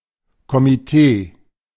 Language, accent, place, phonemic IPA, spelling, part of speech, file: German, Germany, Berlin, /ko.mi.ˈteː/, Komitee, noun, De-Komitee.ogg
- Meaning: committee